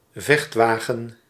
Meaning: tank (armoured fighting vehicle with caterpillar track)
- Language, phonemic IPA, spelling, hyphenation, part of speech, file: Dutch, /ˈvɛxtˌʋaː.ɣə(n)/, vechtwagen, vecht‧wa‧gen, noun, Nl-vechtwagen.ogg